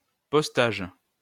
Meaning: 1. postage 2. post, posting
- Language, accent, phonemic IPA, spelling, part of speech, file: French, France, /pɔs.taʒ/, postage, noun, LL-Q150 (fra)-postage.wav